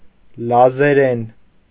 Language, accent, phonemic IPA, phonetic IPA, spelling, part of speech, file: Armenian, Eastern Armenian, /lɑzeˈɾen/, [lɑzeɾén], լազերեն, noun / adverb / adjective, Hy-լազերեն.ogg
- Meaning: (noun) Laz (language); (adverb) in Laz; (adjective) Laz (of or pertaining to the language)